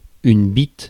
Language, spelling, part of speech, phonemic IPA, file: French, bitte, noun, /bit/, Fr-bitte.ogg
- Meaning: 1. bitt, bollard, mooring post 2. alternative spelling of bite; cock, dick, prick